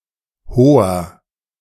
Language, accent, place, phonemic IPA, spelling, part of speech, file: German, Germany, Berlin, /ˈhoːɐ/, hoher, adjective, De-hoher.ogg
- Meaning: inflection of hoch: 1. strong/mixed nominative masculine singular 2. strong genitive/dative feminine singular 3. strong genitive plural